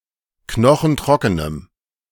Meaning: strong dative masculine/neuter singular of knochentrocken
- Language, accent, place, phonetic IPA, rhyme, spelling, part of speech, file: German, Germany, Berlin, [ˈknɔxn̩ˈtʁɔkənəm], -ɔkənəm, knochentrockenem, adjective, De-knochentrockenem.ogg